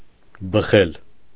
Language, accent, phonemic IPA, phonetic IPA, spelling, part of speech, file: Armenian, Eastern Armenian, /bəˈχel/, [bəχél], բխել, verb, Hy-բխել.ogg
- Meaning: 1. to pour out, flow out 2. to emit, radiate, give off 3. to come forth, come out, issue 4. to blow out of, emanate 5. to yield, give, produce